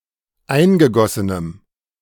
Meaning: strong dative masculine/neuter singular of eingegossen
- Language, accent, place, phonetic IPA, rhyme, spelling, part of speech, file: German, Germany, Berlin, [ˈaɪ̯nɡəˌɡɔsənəm], -aɪ̯nɡəɡɔsənəm, eingegossenem, adjective, De-eingegossenem.ogg